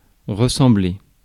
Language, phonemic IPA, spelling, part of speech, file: French, /ʁə.sɑ̃.ble/, ressembler, verb, Fr-ressembler.ogg
- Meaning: 1. to resemble (to share similar qualities with) 2. to be similar to each other 3. to look like, to resemble (to have physical or behavioral similarities with)